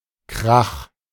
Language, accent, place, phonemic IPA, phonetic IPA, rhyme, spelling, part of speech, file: German, Germany, Berlin, /kʁax/, [kʁäχ], -ax, Krach, noun, De-Krach.ogg
- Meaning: 1. crash 2. loud noise, ruckus 3. trouble, quarrel, fight (angry disagreement, especially with someone one already has a close connection to)